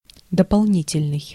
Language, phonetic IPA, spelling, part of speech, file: Russian, [dəpɐɫˈnʲitʲɪlʲnɨj], дополнительный, adjective, Ru-дополнительный.ogg
- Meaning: 1. additional, supplementary 2. extra